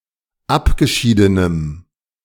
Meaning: strong dative masculine/neuter singular of abgeschieden
- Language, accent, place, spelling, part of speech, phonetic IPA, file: German, Germany, Berlin, abgeschiedenem, adjective, [ˈapɡəˌʃiːdənəm], De-abgeschiedenem.ogg